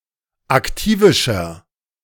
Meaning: inflection of aktivisch: 1. strong/mixed nominative masculine singular 2. strong genitive/dative feminine singular 3. strong genitive plural
- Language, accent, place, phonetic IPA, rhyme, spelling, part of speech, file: German, Germany, Berlin, [akˈtiːvɪʃɐ], -iːvɪʃɐ, aktivischer, adjective, De-aktivischer.ogg